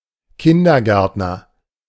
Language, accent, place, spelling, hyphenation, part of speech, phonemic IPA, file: German, Germany, Berlin, Kindergärtner, Kin‧der‧gärt‧ner, noun, /ˈkɪndɐˌɡɛʁtnɐ/, De-Kindergärtner.ogg
- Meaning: kindergarten teacher, kindergartner (kindergartener) (male or of unspecified gender)